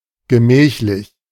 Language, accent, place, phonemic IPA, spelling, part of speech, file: German, Germany, Berlin, /ɡəˈmɛːçlɪç/, gemächlich, adjective, De-gemächlich.ogg
- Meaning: leisurely, taking one's time, gentle, steady